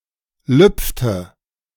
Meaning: inflection of lüpfen: 1. first/third-person singular preterite 2. first/third-person singular subjunctive II
- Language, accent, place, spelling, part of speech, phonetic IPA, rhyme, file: German, Germany, Berlin, lüpfte, verb, [ˈlʏp͡ftə], -ʏp͡ftə, De-lüpfte.ogg